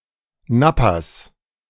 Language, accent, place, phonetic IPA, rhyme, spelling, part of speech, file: German, Germany, Berlin, [ˈnapas], -apas, Nappas, noun, De-Nappas.ogg
- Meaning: 1. genitive singular of Nappa 2. plural of Nappa